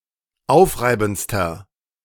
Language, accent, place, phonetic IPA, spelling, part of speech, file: German, Germany, Berlin, [ˈaʊ̯fˌʁaɪ̯bn̩t͡stɐ], aufreibendster, adjective, De-aufreibendster.ogg
- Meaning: inflection of aufreibend: 1. strong/mixed nominative masculine singular superlative degree 2. strong genitive/dative feminine singular superlative degree 3. strong genitive plural superlative degree